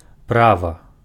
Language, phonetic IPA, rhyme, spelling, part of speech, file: Belarusian, [ˈprava], -ava, права, noun, Be-права.ogg
- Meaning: a right